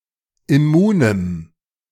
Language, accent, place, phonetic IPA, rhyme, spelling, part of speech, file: German, Germany, Berlin, [ɪˈmuːnəm], -uːnəm, immunem, adjective, De-immunem.ogg
- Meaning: strong dative masculine/neuter singular of immun